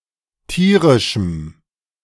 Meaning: strong dative masculine/neuter singular of tierisch
- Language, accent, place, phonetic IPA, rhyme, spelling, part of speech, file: German, Germany, Berlin, [ˈtiːʁɪʃm̩], -iːʁɪʃm̩, tierischem, adjective, De-tierischem.ogg